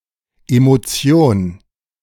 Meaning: emotion
- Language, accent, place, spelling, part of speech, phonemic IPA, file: German, Germany, Berlin, Emotion, noun, /emoˈtsioːn/, De-Emotion.ogg